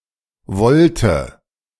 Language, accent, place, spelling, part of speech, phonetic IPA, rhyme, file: German, Germany, Berlin, Volte, noun, [ˈvɔltə], -ɔltə, De-Volte.ogg
- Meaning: 1. volt, volte 2. maneuver, move 3. magical cut